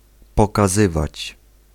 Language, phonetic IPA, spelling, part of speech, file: Polish, [ˌpɔkaˈzɨvat͡ɕ], pokazywać, verb, Pl-pokazywać.ogg